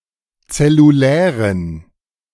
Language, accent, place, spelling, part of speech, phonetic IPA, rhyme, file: German, Germany, Berlin, zellulären, adjective, [t͡sɛluˈlɛːʁən], -ɛːʁən, De-zellulären.ogg
- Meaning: inflection of zellulär: 1. strong genitive masculine/neuter singular 2. weak/mixed genitive/dative all-gender singular 3. strong/weak/mixed accusative masculine singular 4. strong dative plural